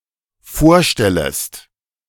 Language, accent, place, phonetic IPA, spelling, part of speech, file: German, Germany, Berlin, [ˈfoːɐ̯ˌʃtɛləst], vorstellest, verb, De-vorstellest.ogg
- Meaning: second-person singular dependent subjunctive I of vorstellen